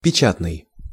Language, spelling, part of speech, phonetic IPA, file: Russian, печатный, adjective, [pʲɪˈt͡ɕatnɨj], Ru-печатный.ogg
- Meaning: 1. printed (relating to something written or published) 2. block (letter) 3. printing